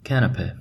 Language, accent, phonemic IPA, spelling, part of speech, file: English, US, /ˈkænəpeɪ/, canapé, noun, En-us-canapé.ogg
- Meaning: 1. An hors d’oeuvre, a bite-sized open-faced sandwich made of thin bread or toast topped with savory garnish 2. A piece of furniture similar to a couch or settee, an elegant sofa